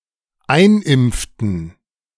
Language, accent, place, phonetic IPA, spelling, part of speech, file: German, Germany, Berlin, [ˈaɪ̯nˌʔɪmp͡ftn̩], einimpften, verb, De-einimpften.ogg
- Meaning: inflection of einimpfen: 1. first/third-person plural dependent preterite 2. first/third-person plural dependent subjunctive II